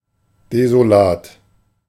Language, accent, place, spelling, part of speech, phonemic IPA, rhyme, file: German, Germany, Berlin, desolat, adjective, /(ˌ)dezoˈlaːt/, -aːt, De-desolat.ogg
- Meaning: bleak; miserable; wretched (very bad and unlikely to improve)